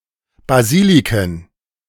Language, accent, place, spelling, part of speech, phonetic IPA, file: German, Germany, Berlin, Basiliken, noun, [baˈziːlikn̩], De-Basiliken.ogg
- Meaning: plural of Basilika